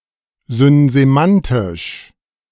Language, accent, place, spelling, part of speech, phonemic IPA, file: German, Germany, Berlin, synsemantisch, adjective, /zʏnzeˈmantɪʃ/, De-synsemantisch.ogg
- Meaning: synsemantic